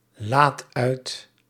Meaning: inflection of uitladen: 1. first-person singular present indicative 2. second-person singular present indicative 3. imperative
- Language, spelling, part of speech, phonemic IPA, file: Dutch, laad uit, verb, /ˈlat ˈœyt/, Nl-laad uit.ogg